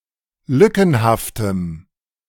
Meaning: strong dative masculine/neuter singular of lückenhaft
- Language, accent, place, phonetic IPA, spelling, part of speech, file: German, Germany, Berlin, [ˈlʏkn̩haftəm], lückenhaftem, adjective, De-lückenhaftem.ogg